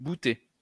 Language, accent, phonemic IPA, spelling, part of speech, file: French, France, /bu.te/, bouté, verb, LL-Q150 (fra)-bouté.wav
- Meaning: past participle of bouter